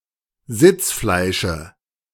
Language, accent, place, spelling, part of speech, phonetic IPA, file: German, Germany, Berlin, Sitzfleische, noun, [ˈzɪt͡sˌflaɪ̯ʃə], De-Sitzfleische.ogg
- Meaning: dative of Sitzfleisch